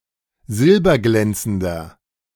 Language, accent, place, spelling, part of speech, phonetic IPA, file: German, Germany, Berlin, silberglänzender, adjective, [ˈzɪlbɐˌɡlɛnt͡sn̩dɐ], De-silberglänzender.ogg
- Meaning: inflection of silberglänzend: 1. strong/mixed nominative masculine singular 2. strong genitive/dative feminine singular 3. strong genitive plural